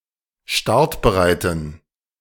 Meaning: inflection of startbereit: 1. strong genitive masculine/neuter singular 2. weak/mixed genitive/dative all-gender singular 3. strong/weak/mixed accusative masculine singular 4. strong dative plural
- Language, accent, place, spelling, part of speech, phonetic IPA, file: German, Germany, Berlin, startbereiten, adjective, [ˈʃtaʁtbəˌʁaɪ̯tn̩], De-startbereiten.ogg